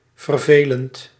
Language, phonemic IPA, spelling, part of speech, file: Dutch, /vərˈveːlənt/, vervelend, adjective / verb, Nl-vervelend.ogg
- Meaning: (adjective) 1. boring, uninteresting 2. annoying, causing irritation or annoyance; vexatious 3. troublesome; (verb) present participle of vervelen